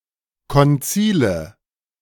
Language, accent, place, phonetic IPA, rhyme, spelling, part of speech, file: German, Germany, Berlin, [kɔnˈt͡siːlə], -iːlə, Konzile, noun, De-Konzile.ogg
- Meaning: nominative/accusative/genitive plural of Konzil